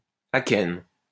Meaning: achene
- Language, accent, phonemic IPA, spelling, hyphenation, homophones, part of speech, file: French, France, /a.kɛn/, akène, a‧kène, achaine / achaines / akènes, noun, LL-Q150 (fra)-akène.wav